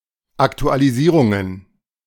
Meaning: plural of Aktualisierung
- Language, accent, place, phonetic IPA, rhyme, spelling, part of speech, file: German, Germany, Berlin, [ˌaktualiˈziːʁʊŋən], -iːʁʊŋən, Aktualisierungen, noun, De-Aktualisierungen.ogg